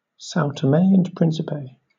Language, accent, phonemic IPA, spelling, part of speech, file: English, Southern England, /ˌsaʊ təˈmeɪ ən ˈpɹɪnsɪpeɪ/, São Tomé and Príncipe, proper noun, LL-Q1860 (eng)-São Tomé and Príncipe.wav
- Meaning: A country and archipelago of Central Africa in the Atlantic Ocean. Official name: Democratic Republic of São Tomé and Príncipe. Capital: São Tomé